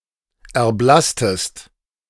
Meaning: inflection of erblassen: 1. second-person singular preterite 2. second-person singular subjunctive II
- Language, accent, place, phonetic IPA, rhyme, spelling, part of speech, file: German, Germany, Berlin, [ɛɐ̯ˈblastəst], -astəst, erblasstest, verb, De-erblasstest.ogg